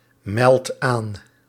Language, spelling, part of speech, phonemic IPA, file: Dutch, meldt aan, verb, /ˈmɛlt ˈan/, Nl-meldt aan.ogg
- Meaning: inflection of aanmelden: 1. second/third-person singular present indicative 2. plural imperative